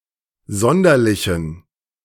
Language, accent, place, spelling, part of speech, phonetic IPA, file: German, Germany, Berlin, sonderlichen, adjective, [ˈzɔndɐlɪçn̩], De-sonderlichen.ogg
- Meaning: inflection of sonderlich: 1. strong genitive masculine/neuter singular 2. weak/mixed genitive/dative all-gender singular 3. strong/weak/mixed accusative masculine singular 4. strong dative plural